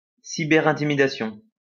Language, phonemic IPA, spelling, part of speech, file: French, /ɛ̃.ti.mi.da.sjɔ̃/, intimidation, noun, LL-Q150 (fra)-intimidation.wav
- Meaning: intimidation